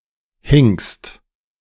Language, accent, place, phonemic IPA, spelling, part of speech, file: German, Germany, Berlin, /hɪŋ(k)st/, hinkst, verb, De-hinkst.ogg
- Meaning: second-person singular present of hinken